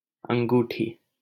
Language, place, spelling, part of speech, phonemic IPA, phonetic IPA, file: Hindi, Delhi, अंगूठी, noun, /əŋ.ɡuː.ʈʰiː/, [ɐ̃ŋ.ɡuː.ʈʰiː], LL-Q1568 (hin)-अंगूठी.wav
- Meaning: 1. ring 2. ring finger